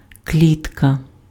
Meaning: 1. cage, coop (an enclosure made of bars, normally to hold animals) 2. cage (the passenger compartment of a lift) 3. square, check (checkered pattern)
- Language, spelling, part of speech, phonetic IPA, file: Ukrainian, клітка, noun, [ˈklʲitkɐ], Uk-клітка.ogg